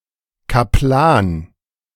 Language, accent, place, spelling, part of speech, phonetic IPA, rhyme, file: German, Germany, Berlin, Kaplan, noun, [kaˈplaːn], -aːn, De-Kaplan.ogg
- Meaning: chaplain